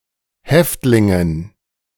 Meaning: dative plural of Häftling
- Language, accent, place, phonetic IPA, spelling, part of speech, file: German, Germany, Berlin, [ˈhɛftlɪŋən], Häftlingen, noun, De-Häftlingen.ogg